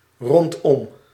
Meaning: around, round, in the vicinity of
- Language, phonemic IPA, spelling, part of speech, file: Dutch, /rɔntˈɔm/, rondom, preposition, Nl-rondom.ogg